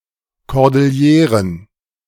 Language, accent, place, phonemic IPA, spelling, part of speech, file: German, Germany, Berlin, /kɔʁdɪlˈjeːʁən/, Kordilleren, noun, De-Kordilleren.ogg
- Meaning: cordillera